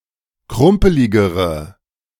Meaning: inflection of krumpelig: 1. strong/mixed nominative/accusative feminine singular comparative degree 2. strong nominative/accusative plural comparative degree
- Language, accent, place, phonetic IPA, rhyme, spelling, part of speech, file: German, Germany, Berlin, [ˈkʁʊmpəlɪɡəʁə], -ʊmpəlɪɡəʁə, krumpeligere, adjective, De-krumpeligere.ogg